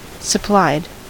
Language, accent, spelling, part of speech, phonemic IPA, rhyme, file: English, US, supplied, verb, /səˈplaɪd/, -aɪd, En-us-supplied.ogg
- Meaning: simple past and past participle of supply